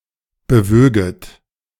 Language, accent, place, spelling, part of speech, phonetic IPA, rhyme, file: German, Germany, Berlin, bewöget, verb, [bəˈvøːɡət], -øːɡət, De-bewöget.ogg
- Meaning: second-person plural subjunctive II of bewegen